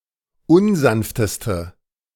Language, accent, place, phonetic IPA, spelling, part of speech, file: German, Germany, Berlin, [ˈʊnˌzanftəstə], unsanfteste, adjective, De-unsanfteste.ogg
- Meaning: inflection of unsanft: 1. strong/mixed nominative/accusative feminine singular superlative degree 2. strong nominative/accusative plural superlative degree